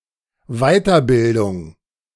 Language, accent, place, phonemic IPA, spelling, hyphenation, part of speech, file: German, Germany, Berlin, /ˈvaɪ̯tɐˌbɪldʊŋ/, Weiterbildung, Wei‧ter‧bil‧dung, noun, De-Weiterbildung.ogg
- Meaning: further education